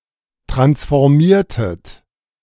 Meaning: inflection of transformieren: 1. second-person plural preterite 2. second-person plural subjunctive II
- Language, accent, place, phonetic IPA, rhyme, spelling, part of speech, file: German, Germany, Berlin, [ˌtʁansfɔʁˈmiːɐ̯tət], -iːɐ̯tət, transformiertet, verb, De-transformiertet.ogg